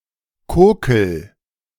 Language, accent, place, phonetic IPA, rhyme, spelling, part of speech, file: German, Germany, Berlin, [ˈkoːkl̩], -oːkl̩, kokel, verb, De-kokel.ogg
- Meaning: inflection of kokeln: 1. first-person singular present 2. singular imperative